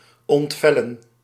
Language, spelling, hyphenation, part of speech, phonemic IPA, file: Dutch, ontvellen, ont‧vel‧len, verb, /ˌɔntˈvɛ.lə(n)/, Nl-ontvellen.ogg
- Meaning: to flay, to remove skin